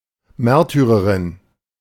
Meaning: (female) martyr
- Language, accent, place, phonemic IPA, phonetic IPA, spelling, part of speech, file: German, Germany, Berlin, /ˈmɛʁtyʁəʁɪn/, [ˈmɛʁtʰyʁɐʁɪn], Märtyrerin, noun, De-Märtyrerin.ogg